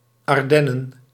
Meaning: Ardennes (forest, geographic region and low mountain range in France, Belgium, Germany and Luxembourg; in full, Ardennes Forest, Ardenne Forest, or Forest of Ardennes)
- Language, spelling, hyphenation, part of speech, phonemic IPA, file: Dutch, Ardennen, Ar‧den‧nen, proper noun, /ˌɑrˈdɛ.nə(n)/, Nl-Ardennen.ogg